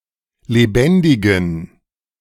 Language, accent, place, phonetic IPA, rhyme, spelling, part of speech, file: German, Germany, Berlin, [leˈbɛndɪɡn̩], -ɛndɪɡn̩, lebendigen, adjective, De-lebendigen.ogg
- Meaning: inflection of lebendig: 1. strong genitive masculine/neuter singular 2. weak/mixed genitive/dative all-gender singular 3. strong/weak/mixed accusative masculine singular 4. strong dative plural